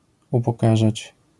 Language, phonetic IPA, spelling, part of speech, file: Polish, [ˌupɔˈkaʒat͡ɕ], upokarzać, verb, LL-Q809 (pol)-upokarzać.wav